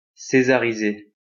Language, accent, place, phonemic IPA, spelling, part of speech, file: French, France, Lyon, /se.za.ʁi.ze/, césariser, verb, LL-Q150 (fra)-césariser.wav
- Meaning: to grant the César Award to (a nominee)